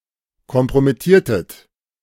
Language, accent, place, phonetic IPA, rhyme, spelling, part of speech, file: German, Germany, Berlin, [kɔmpʁomɪˈtiːɐ̯tət], -iːɐ̯tət, kompromittiertet, verb, De-kompromittiertet.ogg
- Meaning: inflection of kompromittieren: 1. second-person plural preterite 2. second-person plural subjunctive II